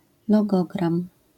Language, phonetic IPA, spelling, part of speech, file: Polish, [lɔˈɡɔɡrãm], logogram, noun, LL-Q809 (pol)-logogram.wav